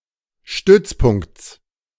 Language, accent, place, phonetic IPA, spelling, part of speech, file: German, Germany, Berlin, [ˈʃtʏt͡sˌpʊŋkt͡s], Stützpunkts, noun, De-Stützpunkts.ogg
- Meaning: genitive of Stützpunkt